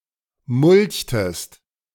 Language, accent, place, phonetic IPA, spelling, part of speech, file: German, Germany, Berlin, [ˈmʊlçtəst], mulchtest, verb, De-mulchtest.ogg
- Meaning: inflection of mulchen: 1. second-person singular preterite 2. second-person singular subjunctive II